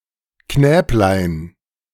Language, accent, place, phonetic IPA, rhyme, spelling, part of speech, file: German, Germany, Berlin, [ˈknɛːplaɪ̯n], -ɛːplaɪ̯n, Knäblein, noun, De-Knäblein.ogg
- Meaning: diminutive of Knabe